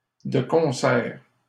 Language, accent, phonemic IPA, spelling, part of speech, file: French, Canada, /də kɔ̃.sɛʁ/, de concert, adverb, LL-Q150 (fra)-de concert.wav
- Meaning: hand in hand, together, in concert